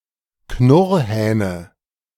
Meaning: nominative/accusative/genitive plural of Knurrhahn
- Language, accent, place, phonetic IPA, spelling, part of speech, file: German, Germany, Berlin, [ˈknʊʁhɛːnə], Knurrhähne, noun, De-Knurrhähne.ogg